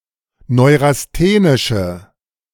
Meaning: inflection of neurasthenisch: 1. strong/mixed nominative/accusative feminine singular 2. strong nominative/accusative plural 3. weak nominative all-gender singular
- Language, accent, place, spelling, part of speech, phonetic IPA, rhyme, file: German, Germany, Berlin, neurasthenische, adjective, [ˌnɔɪ̯ʁasˈteːnɪʃə], -eːnɪʃə, De-neurasthenische.ogg